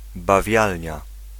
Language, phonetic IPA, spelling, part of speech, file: Polish, [baˈvʲjalʲɲa], bawialnia, noun, Pl-bawialnia.ogg